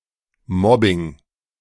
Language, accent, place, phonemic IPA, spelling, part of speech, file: German, Germany, Berlin, /ˈmɔbɪŋ/, Mobbing, noun, De-Mobbing.ogg
- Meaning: 1. bullying 2. mobbing